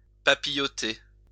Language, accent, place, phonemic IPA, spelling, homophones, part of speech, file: French, France, Lyon, /pa.pi.jɔ.te/, papilloter, papillotai / papilloté / papillotée / papillotées / papillotés / papillotez, verb, LL-Q150 (fra)-papilloter.wav
- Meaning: 1. to blink 2. to flutter 3. to flicker